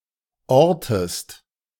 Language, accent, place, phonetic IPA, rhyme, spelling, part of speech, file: German, Germany, Berlin, [ˈɔʁtəst], -ɔʁtəst, ortest, verb, De-ortest.ogg
- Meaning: inflection of orten: 1. second-person singular present 2. second-person singular subjunctive I